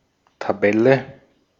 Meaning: 1. table (grid of data in rows and columns) 2. table (grid of data in rows and columns): league table (ranking of teams or competitors across during a season or multiple rounds of play)
- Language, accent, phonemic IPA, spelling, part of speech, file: German, Austria, /taˈbɛlə/, Tabelle, noun, De-at-Tabelle.ogg